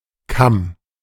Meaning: 1. comb 2. crest (of various animals), comb (of rooster) 3. shoulder (of pork), neck (of mutton/beef) 4. ridge (of hills, mountains)
- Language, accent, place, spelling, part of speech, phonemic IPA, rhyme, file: German, Germany, Berlin, Kamm, noun, /kam/, -am, De-Kamm.ogg